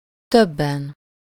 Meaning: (adverb) comparative degree of sokan: 1. more people (in the relative sense) 2. a number of people, several, many of them (in the absolute sense); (adjective) inessive singular of több
- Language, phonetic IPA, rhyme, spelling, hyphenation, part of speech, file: Hungarian, [ˈtøbːɛn], -ɛn, többen, töb‧ben, adverb / adjective, Hu-többen.ogg